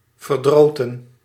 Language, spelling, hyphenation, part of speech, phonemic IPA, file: Dutch, verdroten, ver‧dro‧ten, verb, /vərˈdroː.tə(n)/, Nl-verdroten.ogg
- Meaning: past participle of verdrieten